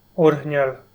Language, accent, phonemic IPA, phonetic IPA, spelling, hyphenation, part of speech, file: Armenian, Eastern Armenian, /oɾhˈnjɑl/, [oɾhnjɑ́l], օրհնյալ, օրհ‧նյալ, adjective, Hy-օրհնյալ.ogg
- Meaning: blessed